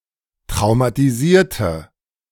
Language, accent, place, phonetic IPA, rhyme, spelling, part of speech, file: German, Germany, Berlin, [tʁaʊ̯matiˈziːɐ̯tə], -iːɐ̯tə, traumatisierte, adjective / verb, De-traumatisierte.ogg
- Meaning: inflection of traumatisieren: 1. first/third-person singular preterite 2. first/third-person singular subjunctive II